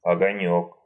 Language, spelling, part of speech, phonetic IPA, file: Russian, огонёк, noun, [ɐɡɐˈnʲɵk], Ru-огонёк.ogg
- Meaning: 1. diminutive of ого́нь (ogónʹ): light, spark 2. a condiment from shredded tomatoes, horseradish, garlic and salt